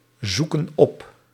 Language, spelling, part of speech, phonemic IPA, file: Dutch, zoeken op, verb, /ˈzukə(n) ˈɔp/, Nl-zoeken op.ogg
- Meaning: inflection of opzoeken: 1. plural present indicative 2. plural present subjunctive